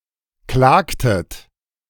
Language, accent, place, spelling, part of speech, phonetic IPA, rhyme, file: German, Germany, Berlin, klagtet, verb, [ˈklaːktət], -aːktət, De-klagtet.ogg
- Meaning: inflection of klagen: 1. second-person plural preterite 2. second-person plural subjunctive II